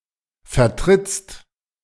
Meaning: second-person singular present of vertreten
- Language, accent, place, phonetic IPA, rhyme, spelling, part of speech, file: German, Germany, Berlin, [fɛɐ̯ˈtʁɪt͡st], -ɪt͡st, vertrittst, verb, De-vertrittst.ogg